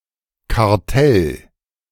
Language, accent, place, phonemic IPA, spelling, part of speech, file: German, Germany, Berlin, /kaʁˈtɛl/, Kartell, noun, De-Kartell.ogg
- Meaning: cartel